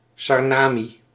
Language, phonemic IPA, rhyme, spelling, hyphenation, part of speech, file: Dutch, /ˌsɑrˈnaː.mi/, -aːmi, Sarnami, Sar‧na‧mi, proper noun, Nl-Sarnami.ogg
- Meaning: Surinamese Hindustani; the Surinamese variant of Caribbean Hindustani